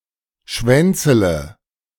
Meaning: inflection of schwänzeln: 1. first-person singular present 2. first/third-person singular subjunctive I 3. singular imperative
- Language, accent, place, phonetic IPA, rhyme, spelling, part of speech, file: German, Germany, Berlin, [ˈʃvɛnt͡sələ], -ɛnt͡sələ, schwänzele, verb, De-schwänzele.ogg